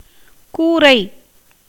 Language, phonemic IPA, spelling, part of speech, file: Tamil, /kuːɾɐɪ̯/, கூரை, noun, Ta-கூரை.ogg
- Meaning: 1. sloping roof, commonly thatch with grass or palm leaf 2. roof (in general) 3. small hut, shed, cottage